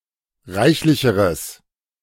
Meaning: strong/mixed nominative/accusative neuter singular comparative degree of reichlich
- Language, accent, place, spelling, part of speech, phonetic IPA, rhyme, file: German, Germany, Berlin, reichlicheres, adjective, [ˈʁaɪ̯çlɪçəʁəs], -aɪ̯çlɪçəʁəs, De-reichlicheres.ogg